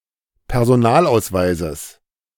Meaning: genitive singular of Personalausweis
- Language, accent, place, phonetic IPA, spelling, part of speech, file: German, Germany, Berlin, [pɛʁzoˈnaːlʔaʊ̯sˌvaɪ̯zəs], Personalausweises, noun, De-Personalausweises.ogg